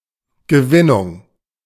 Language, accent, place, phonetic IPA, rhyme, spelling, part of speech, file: German, Germany, Berlin, [ɡəˈvɪnʊŋ], -ɪnʊŋ, Gewinnung, noun, De-Gewinnung.ogg
- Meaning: 1. production 2. extraction 3. reclamation